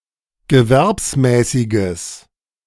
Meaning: strong/mixed nominative/accusative neuter singular of gewerbsmäßig
- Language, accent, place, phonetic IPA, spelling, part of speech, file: German, Germany, Berlin, [ɡəˈvɛʁpsˌmɛːsɪɡəs], gewerbsmäßiges, adjective, De-gewerbsmäßiges.ogg